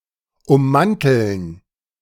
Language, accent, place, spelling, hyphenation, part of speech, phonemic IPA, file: German, Germany, Berlin, ummanteln, um‧man‧teln, verb, /ʊmˈmantl̩n/, De-ummanteln.ogg
- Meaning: 1. to encase, encapsulate 2. to shroud, coat 3. to sheath